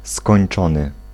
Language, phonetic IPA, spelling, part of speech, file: Polish, [skɔ̃j̃n͇ˈt͡ʃɔ̃nɨ], skończony, verb / adjective, Pl-skończony.ogg